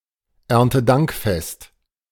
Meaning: Harvest Festival
- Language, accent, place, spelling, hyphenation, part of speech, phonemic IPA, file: German, Germany, Berlin, Erntedankfest, Ern‧te‧dank‧fest, noun, /ɛʁntəˈdaŋkˌfɛst/, De-Erntedankfest.ogg